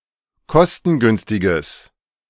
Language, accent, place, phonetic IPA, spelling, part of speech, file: German, Germany, Berlin, [ˈkɔstn̩ˌɡʏnstɪɡəs], kostengünstiges, adjective, De-kostengünstiges.ogg
- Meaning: strong/mixed nominative/accusative neuter singular of kostengünstig